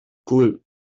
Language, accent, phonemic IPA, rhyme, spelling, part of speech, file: English, US, /ɡluːt/, -uːt, glute, noun, En-us-glute.wav
- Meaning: A gluteal muscle